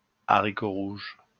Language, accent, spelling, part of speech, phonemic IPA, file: French, France, haricot rouge, noun, /a.ʁi.ko ʁuʒ/, LL-Q150 (fra)-haricot rouge.wav
- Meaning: kidney bean